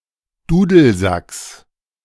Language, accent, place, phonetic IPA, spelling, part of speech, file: German, Germany, Berlin, [ˈduːdl̩ˌzaks], Dudelsacks, noun, De-Dudelsacks.ogg
- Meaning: genitive singular of Dudelsack